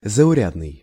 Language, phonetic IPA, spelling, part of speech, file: Russian, [zəʊˈrʲadnɨj], заурядный, adjective, Ru-заурядный.ogg
- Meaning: ordinary, run-of-the-mill, commonplace, mediocre